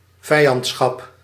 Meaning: hostility
- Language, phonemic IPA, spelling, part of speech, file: Dutch, /ˈvɛi̯ɑntsxɑp/, vijandschap, noun, Nl-vijandschap.ogg